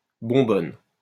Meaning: 1. demijohn, carboy 2. gas cylinder
- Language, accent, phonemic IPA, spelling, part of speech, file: French, France, /bɔ̃.bɔn/, bonbonne, noun, LL-Q150 (fra)-bonbonne.wav